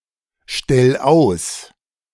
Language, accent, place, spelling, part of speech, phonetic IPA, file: German, Germany, Berlin, stell aus, verb, [ˌʃtɛl ˈaʊ̯s], De-stell aus.ogg
- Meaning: 1. singular imperative of ausstellen 2. first-person singular present of ausstellen